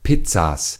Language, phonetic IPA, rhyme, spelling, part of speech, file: German, [ˈpɪt͡sas], -ɪt͡sas, Pizzas, noun, De-Pizzas.ogg
- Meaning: plural of Pizza